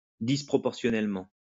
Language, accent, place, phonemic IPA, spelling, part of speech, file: French, France, Lyon, /dis.pʁɔ.pɔʁ.sjɔ.nɛl.mɑ̃/, disproportionnellement, adverb, LL-Q150 (fra)-disproportionnellement.wav
- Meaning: disproportionally